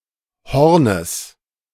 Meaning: genitive singular of Horn
- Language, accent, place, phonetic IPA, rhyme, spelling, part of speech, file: German, Germany, Berlin, [ˈhɔʁnəs], -ɔʁnəs, Hornes, noun, De-Hornes.ogg